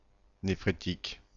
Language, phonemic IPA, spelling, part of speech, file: French, /ne.fʁe.tik/, néphrétique, adjective, Fr-néphrétique.oga
- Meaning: nephritic, renal